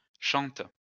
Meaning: third-person plural present indicative/subjunctive of chanter
- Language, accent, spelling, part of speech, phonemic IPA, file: French, France, chantent, verb, /ʃɑ̃t/, LL-Q150 (fra)-chantent.wav